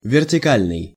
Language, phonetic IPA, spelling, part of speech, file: Russian, [vʲɪrtʲɪˈkalʲnɨj], вертикальный, adjective, Ru-вертикальный.ogg
- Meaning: vertical (being perpendicular with the surface of the Earth)